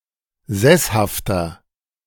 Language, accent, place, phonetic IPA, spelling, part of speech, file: German, Germany, Berlin, [ˈzɛshaftɐ], sesshafter, adjective, De-sesshafter.ogg
- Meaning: 1. comparative degree of sesshaft 2. inflection of sesshaft: strong/mixed nominative masculine singular 3. inflection of sesshaft: strong genitive/dative feminine singular